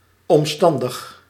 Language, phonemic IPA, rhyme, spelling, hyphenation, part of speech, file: Dutch, /ˌɔmˈstɑn.dəx/, -ɑndəx, omstandig, om‧stan‧dig, adjective, Nl-omstandig.ogg
- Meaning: with too many details, unnecessarily elaborate